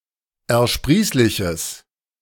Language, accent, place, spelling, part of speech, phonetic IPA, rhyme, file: German, Germany, Berlin, ersprießliches, adjective, [ɛɐ̯ˈʃpʁiːslɪçəs], -iːslɪçəs, De-ersprießliches.ogg
- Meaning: strong/mixed nominative/accusative neuter singular of ersprießlich